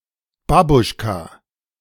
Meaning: babushka
- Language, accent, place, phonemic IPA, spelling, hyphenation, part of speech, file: German, Germany, Berlin, /ˈbabʊʃka/, Babuschka, Ba‧busch‧ka, noun, De-Babuschka.ogg